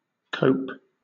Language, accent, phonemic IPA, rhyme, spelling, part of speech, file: English, Southern England, /ˈkəʊp/, -əʊp, cope, verb / noun / interjection, LL-Q1860 (eng)-cope.wav
- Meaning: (verb) 1. To deal effectively with something, especially if difficult 2. To cut and form a mitred joint in wood or metal 3. To clip the beak or talons of a bird